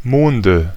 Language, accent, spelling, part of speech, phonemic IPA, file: German, Germany, Monde, noun, /ˈmoːndə/, De-Monde.ogg
- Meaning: nominative/accusative/genitive plural of Mond